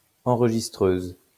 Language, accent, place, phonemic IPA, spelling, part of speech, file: French, France, Lyon, /ɑ̃.ʁ(ə).ʒis.tʁøz/, enregistreuse, adjective, LL-Q150 (fra)-enregistreuse.wav
- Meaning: feminine singular of enregistreur